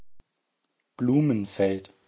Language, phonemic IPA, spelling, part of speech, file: German, /ˈbluːmənˌfɛlt/, Blumenfeld, proper noun, De-Blumenfeld.ogg
- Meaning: a surname